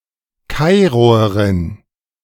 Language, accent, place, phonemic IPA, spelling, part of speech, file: German, Germany, Berlin, /ˈkaɪ̯ʁoəʁɪn/, Kairoerin, noun, De-Kairoerin.ogg
- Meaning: female equivalent of Kairoer: female Cairene (female native or inhabitant of Cairo, Egypt)